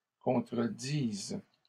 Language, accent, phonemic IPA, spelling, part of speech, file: French, Canada, /kɔ̃.tʁə.diz/, contredises, verb, LL-Q150 (fra)-contredises.wav
- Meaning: second-person singular present subjunctive of contredire